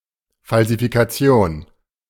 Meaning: 1. falsification (proof of falsehood) 2. falsification, forgery (fake thing)
- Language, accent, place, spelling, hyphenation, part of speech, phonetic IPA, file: German, Germany, Berlin, Falsifikation, Fal‧si‧fi‧ka‧ti‧on, noun, [falzifikaˈt͡si̯oːn], De-Falsifikation.ogg